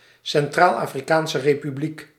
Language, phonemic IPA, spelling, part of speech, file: Dutch, /sɛnˌtraːl.aː.friˌkaːn.sə reː.pyˈblik/, Centraal-Afrikaanse Republiek, proper noun, Nl-Centraal-Afrikaanse Republiek.ogg
- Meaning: Central African Republic (a country in Central Africa)